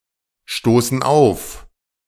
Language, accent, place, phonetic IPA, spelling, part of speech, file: German, Germany, Berlin, [ˌʃtoːsn̩ ˈaʊ̯f], stoßen auf, verb, De-stoßen auf.ogg
- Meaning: inflection of aufstoßen: 1. first/third-person plural present 2. first/third-person plural subjunctive I